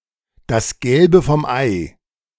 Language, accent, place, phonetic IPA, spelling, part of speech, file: German, Germany, Berlin, [das ˈɡɛlbə fɔm ˈʔaɪ̯], das Gelbe vom Ei, phrase, De-das Gelbe vom Ei.ogg
- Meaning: the very best, something to write home about